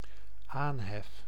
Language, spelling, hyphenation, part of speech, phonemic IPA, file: Dutch, aanhef, aan‧hef, noun, /ˈaːn.ɦɛf/, Nl-aanhef.ogg
- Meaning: 1. opening words 2. salutation (of letter) 3. the strike up of a piece of music